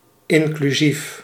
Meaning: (adjective) inclusive; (preposition) including, included
- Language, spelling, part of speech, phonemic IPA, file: Dutch, inclusief, preposition / adjective, /ˌɪŋklyˈzif/, Nl-inclusief.ogg